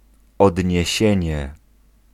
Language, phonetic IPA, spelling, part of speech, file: Polish, [ˌɔdʲɲɛ̇ˈɕɛ̇̃ɲɛ], odniesienie, noun, Pl-odniesienie.ogg